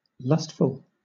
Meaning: Full of lust; driven by lust
- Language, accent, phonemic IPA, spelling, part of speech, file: English, Southern England, /ˈlʌst.fəl/, lustful, adjective, LL-Q1860 (eng)-lustful.wav